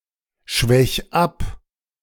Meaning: 1. singular imperative of abschwächen 2. first-person singular present of abschwächen
- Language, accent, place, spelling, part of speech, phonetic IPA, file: German, Germany, Berlin, schwäch ab, verb, [ˌʃvɛç ˈap], De-schwäch ab.ogg